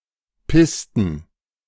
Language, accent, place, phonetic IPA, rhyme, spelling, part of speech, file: German, Germany, Berlin, [ˈpɪstn̩], -ɪstn̩, Pisten, noun, De-Pisten.ogg
- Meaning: plural of Piste